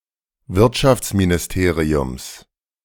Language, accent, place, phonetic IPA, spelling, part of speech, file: German, Germany, Berlin, [ˈvɪʁtʃaft͡sminɪsˌteːʁiʊms], Wirtschaftsministeriums, noun, De-Wirtschaftsministeriums.ogg
- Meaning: genitive singular of Wirtschaftsministerium